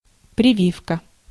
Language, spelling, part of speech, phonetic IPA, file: Russian, прививка, noun, [prʲɪˈvʲifkə], Ru-прививка.ogg
- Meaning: 1. inoculation, immunization, vaccination 2. vaccine 3. grafting